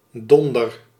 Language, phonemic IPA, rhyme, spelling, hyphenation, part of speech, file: Dutch, /ˈdɔn.dər/, -ɔndər, donder, don‧der, noun / verb, Nl-donder.ogg
- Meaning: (noun) 1. thunder (sound produced by a thunderstorm) 2. the head or body 3. a thing (as in not a single thing); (verb) inflection of donderen: first-person singular present indicative